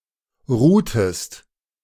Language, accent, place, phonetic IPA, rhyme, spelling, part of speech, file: German, Germany, Berlin, [ˈʁuːtəst], -uːtəst, ruhtest, verb, De-ruhtest.ogg
- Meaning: inflection of ruhen: 1. second-person singular preterite 2. second-person singular subjunctive II